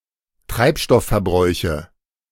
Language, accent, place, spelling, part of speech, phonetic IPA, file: German, Germany, Berlin, Treibstoffverbräuche, noun, [ˈtʁaɪ̯pˌʃtɔffɛɐ̯ˌbʁɔɪ̯çə], De-Treibstoffverbräuche.ogg
- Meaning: nominative/accusative/genitive plural of Treibstoffverbrauch